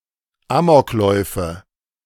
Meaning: nominative/accusative/genitive plural of Amoklauf
- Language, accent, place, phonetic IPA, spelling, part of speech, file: German, Germany, Berlin, [ˈaːmɔkˌlɔɪ̯fə], Amokläufe, noun, De-Amokläufe.ogg